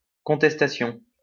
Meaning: 1. challenge, dispute 2. protest
- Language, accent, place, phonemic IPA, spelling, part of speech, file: French, France, Lyon, /kɔ̃.tɛs.ta.sjɔ̃/, contestation, noun, LL-Q150 (fra)-contestation.wav